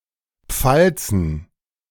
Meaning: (proper noun) a municipality of South Tyrol; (noun) plural of Pfalz
- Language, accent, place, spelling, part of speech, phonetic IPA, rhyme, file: German, Germany, Berlin, Pfalzen, proper noun / noun, [ˈp͡falt͡sn̩], -alt͡sn̩, De-Pfalzen.ogg